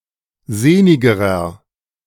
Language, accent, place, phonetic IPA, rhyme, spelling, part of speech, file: German, Germany, Berlin, [ˈzeːnɪɡəʁɐ], -eːnɪɡəʁɐ, sehnigerer, adjective, De-sehnigerer.ogg
- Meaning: inflection of sehnig: 1. strong/mixed nominative masculine singular comparative degree 2. strong genitive/dative feminine singular comparative degree 3. strong genitive plural comparative degree